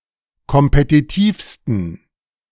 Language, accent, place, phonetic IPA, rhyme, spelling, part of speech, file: German, Germany, Berlin, [kɔmpetiˈtiːfstn̩], -iːfstn̩, kompetitivsten, adjective, De-kompetitivsten.ogg
- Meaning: 1. superlative degree of kompetitiv 2. inflection of kompetitiv: strong genitive masculine/neuter singular superlative degree